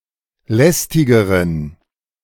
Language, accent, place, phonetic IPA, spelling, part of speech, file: German, Germany, Berlin, [ˈlɛstɪɡəʁən], lästigeren, adjective, De-lästigeren.ogg
- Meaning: inflection of lästig: 1. strong genitive masculine/neuter singular comparative degree 2. weak/mixed genitive/dative all-gender singular comparative degree